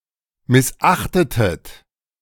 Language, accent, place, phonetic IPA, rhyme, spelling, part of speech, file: German, Germany, Berlin, [mɪsˈʔaxtətət], -axtətət, missachtetet, verb, De-missachtetet.ogg
- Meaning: inflection of missachten: 1. second-person plural preterite 2. second-person plural subjunctive II